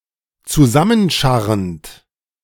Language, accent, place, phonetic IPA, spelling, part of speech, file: German, Germany, Berlin, [t͡suˈzamənˌʃaʁənt], zusammenscharrend, verb, De-zusammenscharrend.ogg
- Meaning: present participle of zusammenscharren